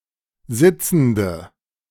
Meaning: inflection of sitzend: 1. strong/mixed nominative/accusative feminine singular 2. strong nominative/accusative plural 3. weak nominative all-gender singular 4. weak accusative feminine/neuter singular
- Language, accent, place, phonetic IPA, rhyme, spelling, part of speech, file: German, Germany, Berlin, [ˈzɪt͡sn̩də], -ɪt͡sn̩də, sitzende, adjective, De-sitzende.ogg